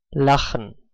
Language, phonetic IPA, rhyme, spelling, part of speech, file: German, [ˈlaxn̩], -axn̩, lachen, verb, De-lachen.ogg